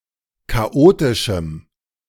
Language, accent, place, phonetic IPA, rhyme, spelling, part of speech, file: German, Germany, Berlin, [kaˈʔoːtɪʃm̩], -oːtɪʃm̩, chaotischem, adjective, De-chaotischem.ogg
- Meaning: strong dative masculine/neuter singular of chaotisch